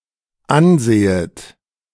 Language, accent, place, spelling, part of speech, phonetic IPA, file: German, Germany, Berlin, ansehet, verb, [ˈanˌzeːət], De-ansehet.ogg
- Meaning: second-person plural dependent subjunctive I of ansehen